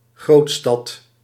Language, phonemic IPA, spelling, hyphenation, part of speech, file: Dutch, /ˈɣrotstɑt/, grootstad, groot‧stad, noun, Nl-grootstad.ogg
- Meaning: a big/major city, up to a metropolis